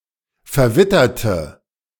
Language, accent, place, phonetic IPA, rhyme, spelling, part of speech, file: German, Germany, Berlin, [fɛɐ̯ˈvɪtɐtə], -ɪtɐtə, verwitterte, adjective / verb, De-verwitterte.ogg
- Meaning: inflection of verwittern: 1. first/third-person singular preterite 2. first/third-person singular subjunctive II